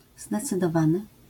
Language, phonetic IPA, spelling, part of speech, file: Polish, [ˌzdɛt͡sɨdɔˈvãnɨ], zdecydowany, adjective / verb, LL-Q809 (pol)-zdecydowany.wav